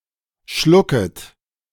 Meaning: second-person plural subjunctive I of schlucken
- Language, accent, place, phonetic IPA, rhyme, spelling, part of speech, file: German, Germany, Berlin, [ˈʃlʊkət], -ʊkət, schlucket, verb, De-schlucket.ogg